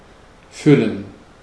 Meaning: 1. to fill 2. to stuff
- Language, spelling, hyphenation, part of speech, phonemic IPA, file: German, füllen, fül‧len, verb, /ˈfʏlən/, De-füllen.ogg